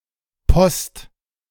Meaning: post-
- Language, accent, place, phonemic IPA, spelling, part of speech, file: German, Germany, Berlin, /pɔst/, post-, prefix, De-post-.ogg